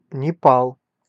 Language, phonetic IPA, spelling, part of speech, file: Russian, [nʲɪˈpaɫ], Непал, proper noun, Ru-Непал.ogg
- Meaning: Nepal (a country in South Asia, located between China and India)